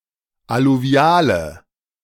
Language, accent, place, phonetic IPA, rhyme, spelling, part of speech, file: German, Germany, Berlin, [aluˈvi̯aːlə], -aːlə, alluviale, adjective, De-alluviale.ogg
- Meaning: inflection of alluvial: 1. strong/mixed nominative/accusative feminine singular 2. strong nominative/accusative plural 3. weak nominative all-gender singular